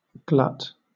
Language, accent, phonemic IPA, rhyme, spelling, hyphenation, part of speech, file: English, Southern England, /ɡlʌt/, -ʌt, glut, glut, noun / verb, LL-Q1860 (eng)-glut.wav
- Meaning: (noun) 1. An excess, too much 2. That which is swallowed 3. Something that fills up an opening 4. A wooden wedge used in splitting blocks 5. A piece of wood used to fill up behind cribbing or tubbing